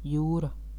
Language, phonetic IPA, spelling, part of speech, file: Latvian, [ˈjūːɾa], jūra, noun, Lv-jūra.ogg
- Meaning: 1. sea (large body of salty water) 2. sea (dark areas on the surface of the Moon or other natural satellites) 3. very large quantity or amount (of something)